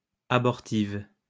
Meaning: feminine singular of abortif
- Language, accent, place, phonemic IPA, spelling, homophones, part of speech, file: French, France, Lyon, /a.bɔʁ.tiv/, abortive, abortives, adjective, LL-Q150 (fra)-abortive.wav